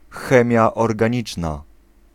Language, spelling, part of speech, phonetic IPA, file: Polish, chemia organiczna, noun, [ˈxɛ̃mʲja ˌɔrɡãˈɲit͡ʃna], Pl-chemia organiczna.ogg